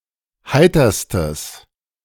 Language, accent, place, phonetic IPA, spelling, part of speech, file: German, Germany, Berlin, [ˈhaɪ̯tɐstəs], heiterstes, adjective, De-heiterstes.ogg
- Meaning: strong/mixed nominative/accusative neuter singular superlative degree of heiter